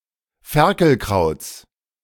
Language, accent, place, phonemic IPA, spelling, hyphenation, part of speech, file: German, Germany, Berlin, /ˈfɛʁkl̩ˌʁaʊ̯t͡s/, Ferkelkrauts, Fer‧kel‧krauts, noun, De-Ferkelkrauts.ogg
- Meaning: genitive singular of Ferkelkraut